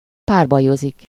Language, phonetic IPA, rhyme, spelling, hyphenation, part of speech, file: Hungarian, [ˈpaːrbɒjozik], -ozik, párbajozik, pár‧ba‧jo‧zik, verb, Hu-párbajozik.ogg
- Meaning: to duel